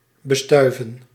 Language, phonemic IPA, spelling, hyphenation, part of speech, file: Dutch, /bəˈstœy̯.və(n)/, bestuiven, be‧stui‧ven, verb, Nl-bestuiven.ogg
- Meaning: 1. to pollinate 2. to cover with dust or powder, to powder, to bedust